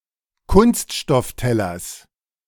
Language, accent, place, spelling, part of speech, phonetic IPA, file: German, Germany, Berlin, Kunststofftellers, noun, [ˈkʊnstʃtɔfˌtɛlɐs], De-Kunststofftellers.ogg
- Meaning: genitive singular of Kunststoffteller